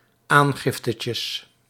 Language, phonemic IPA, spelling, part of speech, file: Dutch, /ˈaŋɣɪftəcəs/, aangiftetjes, noun, Nl-aangiftetjes.ogg
- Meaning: plural of aangiftetje